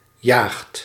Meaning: inflection of jagen: 1. second/third-person singular present indicative 2. plural imperative
- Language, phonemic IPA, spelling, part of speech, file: Dutch, /jaːxt/, jaagt, verb, Nl-jaagt.ogg